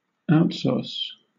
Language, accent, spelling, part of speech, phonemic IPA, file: English, Southern England, outsource, verb, /ˈaʊtˌsɔːs/, LL-Q1860 (eng)-outsource.wav
- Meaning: To transfer the management or day-to-day execution of a business function to a third-party service provider